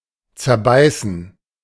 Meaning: to bite apart
- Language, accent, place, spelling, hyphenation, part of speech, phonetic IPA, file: German, Germany, Berlin, zerbeißen, zer‧bei‧ßen, verb, [t͡sɛɐ̯ˈbaɪ̯sn̩], De-zerbeißen.ogg